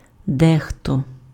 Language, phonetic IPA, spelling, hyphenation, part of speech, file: Ukrainian, [ˈdɛxtɔ], дехто, де‧хто, pronoun, Uk-дехто.ogg
- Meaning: 1. some, some people 2. a certain someone (implies that one knows who it is, but is deliberately refraining from naming who)